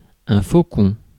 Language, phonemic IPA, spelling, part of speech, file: French, /fo.kɔ̃/, faucon, noun, Fr-faucon.ogg
- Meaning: 1. falcon 2. war hawk (supporter of aggressive or warlike foreign policy)